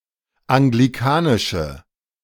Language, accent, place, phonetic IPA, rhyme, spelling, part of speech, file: German, Germany, Berlin, [aŋɡliˈkaːnɪʃə], -aːnɪʃə, anglikanische, adjective, De-anglikanische.ogg
- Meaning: inflection of anglikanisch: 1. strong/mixed nominative/accusative feminine singular 2. strong nominative/accusative plural 3. weak nominative all-gender singular